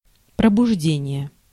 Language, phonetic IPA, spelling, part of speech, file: Russian, [prəbʊʐˈdʲenʲɪje], пробуждение, noun, Ru-пробуждение.ogg
- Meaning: 1. awakening, waking 2. arousal (the act of arousing or the state of being aroused)